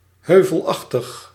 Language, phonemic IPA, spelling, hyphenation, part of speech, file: Dutch, /ˈɦøː.vəlˌɑx.təx/, heuvelachtig, heu‧vel‧ach‧tig, adjective, Nl-heuvelachtig.ogg
- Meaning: hilly